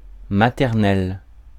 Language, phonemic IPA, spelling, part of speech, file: French, /ma.tɛʁ.nɛl/, maternel, adjective, Fr-maternel.ogg
- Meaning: 1. maternal 2. native